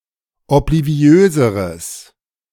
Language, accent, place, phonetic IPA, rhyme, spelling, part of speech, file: German, Germany, Berlin, [ɔpliˈvi̯øːzəʁəs], -øːzəʁəs, obliviöseres, adjective, De-obliviöseres.ogg
- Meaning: strong/mixed nominative/accusative neuter singular comparative degree of obliviös